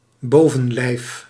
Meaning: upper body; torso
- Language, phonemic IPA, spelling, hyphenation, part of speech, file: Dutch, /ˈboː.və(n)ˌlɛi̯f/, bovenlijf, bo‧ven‧lijf, noun, Nl-bovenlijf.ogg